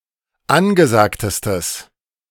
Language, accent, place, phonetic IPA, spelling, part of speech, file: German, Germany, Berlin, [ˈanɡəˌzaːktəstəs], angesagtestes, adjective, De-angesagtestes.ogg
- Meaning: strong/mixed nominative/accusative neuter singular superlative degree of angesagt